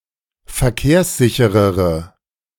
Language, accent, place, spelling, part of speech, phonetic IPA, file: German, Germany, Berlin, verkehrssicherere, adjective, [fɛɐ̯ˈkeːɐ̯sˌzɪçəʁəʁə], De-verkehrssicherere.ogg
- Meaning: inflection of verkehrssicher: 1. strong/mixed nominative/accusative feminine singular comparative degree 2. strong nominative/accusative plural comparative degree